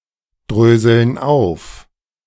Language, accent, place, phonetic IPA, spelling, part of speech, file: German, Germany, Berlin, [ˌdʁøːzl̩n ˈaʊ̯f], dröseln auf, verb, De-dröseln auf.ogg
- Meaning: inflection of aufdröseln: 1. first/third-person plural present 2. first/third-person plural subjunctive I